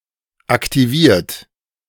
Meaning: 1. past participle of aktivieren 2. inflection of aktivieren: third-person singular present 3. inflection of aktivieren: second-person plural present 4. inflection of aktivieren: plural imperative
- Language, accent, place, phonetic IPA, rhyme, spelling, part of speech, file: German, Germany, Berlin, [aktiˈviːɐ̯t], -iːɐ̯t, aktiviert, adjective / verb, De-aktiviert.ogg